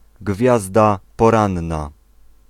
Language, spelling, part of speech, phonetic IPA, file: Polish, Gwiazda Poranna, proper noun, [ˈɡvʲjazda pɔˈrãnːa], Pl-Gwiazda Poranna.ogg